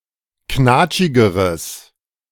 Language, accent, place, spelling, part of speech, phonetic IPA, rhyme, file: German, Germany, Berlin, knatschigeres, adjective, [ˈknaːt͡ʃɪɡəʁəs], -aːt͡ʃɪɡəʁəs, De-knatschigeres.ogg
- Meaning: strong/mixed nominative/accusative neuter singular comparative degree of knatschig